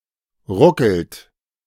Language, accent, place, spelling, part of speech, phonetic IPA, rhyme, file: German, Germany, Berlin, ruckelt, verb, [ˈʁʊkl̩t], -ʊkl̩t, De-ruckelt.ogg
- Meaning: inflection of ruckeln: 1. third-person singular present 2. second-person plural present 3. plural imperative